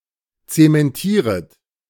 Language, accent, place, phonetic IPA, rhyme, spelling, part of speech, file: German, Germany, Berlin, [ˌt͡semɛnˈtiːʁət], -iːʁət, zementieret, verb, De-zementieret.ogg
- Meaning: second-person plural subjunctive I of zementieren